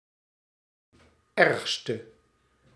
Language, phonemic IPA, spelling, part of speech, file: Dutch, /ˈɛrᵊxstə/, ergste, adjective / noun, Nl-ergste.ogg
- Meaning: inflection of ergst, the superlative degree of erg: 1. masculine/feminine singular attributive 2. definite neuter singular attributive 3. plural attributive